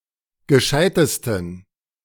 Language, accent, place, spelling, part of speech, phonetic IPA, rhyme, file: German, Germany, Berlin, gescheitesten, adjective, [ɡəˈʃaɪ̯təstn̩], -aɪ̯təstn̩, De-gescheitesten.ogg
- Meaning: 1. superlative degree of gescheit 2. inflection of gescheit: strong genitive masculine/neuter singular superlative degree